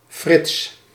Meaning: a male given name
- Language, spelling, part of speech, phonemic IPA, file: Dutch, Frits, proper noun, /frɪts/, Nl-Frits.ogg